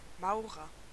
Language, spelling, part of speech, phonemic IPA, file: German, Maurer, noun / proper noun, /ˈmaʊ̯ʁɐ/, De-Maurer.ogg
- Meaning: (noun) bricklayer, mason (craftsperson who builds in stone; male or unspecified sex); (proper noun) a surname; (noun) An inhabitant of Mauren (e.g. Liechtenstein)